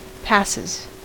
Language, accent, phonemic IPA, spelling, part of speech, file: English, US, /ˈpæsɪz/, passes, noun / verb, En-us-passes.ogg
- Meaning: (noun) plural of pass; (verb) third-person singular simple present indicative of pass